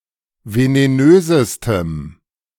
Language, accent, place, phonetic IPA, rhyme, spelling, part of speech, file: German, Germany, Berlin, [veneˈnøːzəstəm], -øːzəstəm, venenösestem, adjective, De-venenösestem.ogg
- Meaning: strong dative masculine/neuter singular superlative degree of venenös